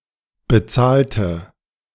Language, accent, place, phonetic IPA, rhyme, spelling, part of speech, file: German, Germany, Berlin, [bəˈt͡saːltə], -aːltə, bezahlte, adjective / verb, De-bezahlte.ogg
- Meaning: inflection of bezahlen: 1. first/third-person singular preterite 2. first/third-person singular subjunctive II